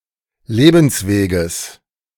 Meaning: genitive of Lebensweg
- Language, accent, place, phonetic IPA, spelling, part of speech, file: German, Germany, Berlin, [ˈleːbn̩sˌveːɡəs], Lebensweges, noun, De-Lebensweges.ogg